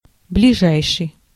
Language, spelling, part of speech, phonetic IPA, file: Russian, ближайший, adjective, [blʲɪˈʐajʂɨj], Ru-ближайший.ogg
- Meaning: 1. nearest 2. next 3. immediate 4. near